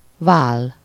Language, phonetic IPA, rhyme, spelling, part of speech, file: Hungarian, [ˈvaːlː], -aːlː, váll, noun, Hu-váll.ogg
- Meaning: shoulder